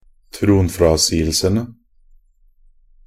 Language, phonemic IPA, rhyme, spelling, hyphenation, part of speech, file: Norwegian Bokmål, /tɾuːnfɾɑsiːəlsənə/, -ənə, tronfrasigelsene, tron‧fra‧sig‧el‧se‧ne, noun, Nb-tronfrasigelsene.ogg
- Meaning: definite plural of tronfrasigelse